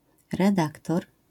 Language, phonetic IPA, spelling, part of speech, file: Polish, [rɛˈdaktɔr], redaktor, noun, LL-Q809 (pol)-redaktor.wav